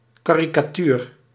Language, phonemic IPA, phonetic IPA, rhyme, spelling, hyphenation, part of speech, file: Dutch, /ˌkaːrikaːˈtyr/, [ˌkaːrikaːˈtyːr], -yr, karikatuur, ka‧ri‧ka‧tuur, noun, Nl-karikatuur.ogg
- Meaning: caricature (satire, parody)